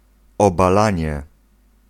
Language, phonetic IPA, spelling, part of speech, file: Polish, [ˌɔbaˈlãɲɛ], obalanie, noun, Pl-obalanie.ogg